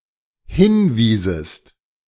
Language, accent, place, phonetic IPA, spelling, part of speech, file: German, Germany, Berlin, [ˈhɪnˌviːzəst], hinwiesest, verb, De-hinwiesest.ogg
- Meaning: second-person singular dependent subjunctive II of hinweisen